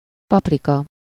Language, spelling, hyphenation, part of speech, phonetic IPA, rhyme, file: Hungarian, paprika, pap‧ri‧ka, noun, [ˈpɒprikɒ], -kɒ, Hu-paprika.ogg
- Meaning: 1. paprika (spice) 2. pepper, bell pepper (fruit)